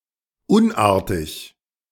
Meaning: ill behaved
- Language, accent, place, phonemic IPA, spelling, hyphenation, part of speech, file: German, Germany, Berlin, /ˈʊnˌaːɐ̯tɪç/, unartig, un‧ar‧tig, adjective, De-unartig.ogg